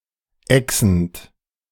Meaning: present participle of exen
- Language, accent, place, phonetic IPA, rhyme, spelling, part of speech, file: German, Germany, Berlin, [ˈɛksn̩t], -ɛksn̩t, exend, verb, De-exend.ogg